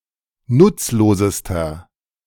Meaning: inflection of nutzlos: 1. strong/mixed nominative masculine singular superlative degree 2. strong genitive/dative feminine singular superlative degree 3. strong genitive plural superlative degree
- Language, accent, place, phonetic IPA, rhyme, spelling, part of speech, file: German, Germany, Berlin, [ˈnʊt͡sloːzəstɐ], -ʊt͡sloːzəstɐ, nutzlosester, adjective, De-nutzlosester.ogg